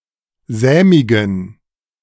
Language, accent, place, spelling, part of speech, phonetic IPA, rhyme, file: German, Germany, Berlin, sämigen, adjective, [ˈzɛːmɪɡn̩], -ɛːmɪɡn̩, De-sämigen.ogg
- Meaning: inflection of sämig: 1. strong genitive masculine/neuter singular 2. weak/mixed genitive/dative all-gender singular 3. strong/weak/mixed accusative masculine singular 4. strong dative plural